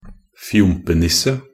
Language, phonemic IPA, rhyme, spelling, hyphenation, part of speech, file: Norwegian Bokmål, /ˈfjʊmpənɪsːə/, -ɪsːə, fjompenisse, fjom‧pe‧nis‧se, noun, Nb-fjompenisse.ogg
- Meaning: a person who is slow and awkward